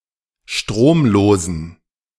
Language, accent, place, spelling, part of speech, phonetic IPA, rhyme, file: German, Germany, Berlin, stromlosen, adjective, [ˈʃtʁoːmˌloːzn̩], -oːmloːzn̩, De-stromlosen.ogg
- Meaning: inflection of stromlos: 1. strong genitive masculine/neuter singular 2. weak/mixed genitive/dative all-gender singular 3. strong/weak/mixed accusative masculine singular 4. strong dative plural